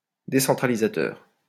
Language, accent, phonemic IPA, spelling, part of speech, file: French, France, /de.sɑ̃.tʁa.li.za.tœʁ/, décentralisateur, adjective, LL-Q150 (fra)-décentralisateur.wav
- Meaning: decentralizing